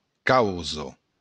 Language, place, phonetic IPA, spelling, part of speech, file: Occitan, Béarn, [ˈkawzo], causa, noun, LL-Q14185 (oci)-causa.wav
- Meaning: 1. cause 2. thing